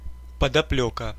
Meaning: hidden motive, underlying reason
- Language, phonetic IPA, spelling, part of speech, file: Russian, [pədɐˈplʲɵkə], подоплёка, noun, Ru-подоплёка.ogg